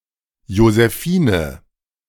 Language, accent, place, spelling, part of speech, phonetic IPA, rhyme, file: German, Germany, Berlin, Josefine, proper noun, [jozəˈfiːnə], -iːnə, De-Josefine.ogg
- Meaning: a female given name from French Joséphine, masculine equivalent Josef